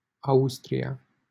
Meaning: Austria (a country in Central Europe)
- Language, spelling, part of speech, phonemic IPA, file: Romanian, Austria, proper noun, /ˈaws.tri.(j)a/, LL-Q7913 (ron)-Austria.wav